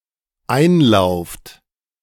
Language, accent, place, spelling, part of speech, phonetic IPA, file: German, Germany, Berlin, einlauft, verb, [ˈaɪ̯nˌlaʊ̯ft], De-einlauft.ogg
- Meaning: second-person plural dependent present of einlaufen